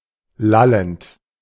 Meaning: present participle of lallen
- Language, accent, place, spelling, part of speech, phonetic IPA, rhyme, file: German, Germany, Berlin, lallend, verb, [ˈlalənt], -alənt, De-lallend.ogg